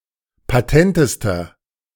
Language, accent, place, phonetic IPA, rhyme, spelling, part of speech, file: German, Germany, Berlin, [paˈtɛntəstɐ], -ɛntəstɐ, patentester, adjective, De-patentester.ogg
- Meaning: inflection of patent: 1. strong/mixed nominative masculine singular superlative degree 2. strong genitive/dative feminine singular superlative degree 3. strong genitive plural superlative degree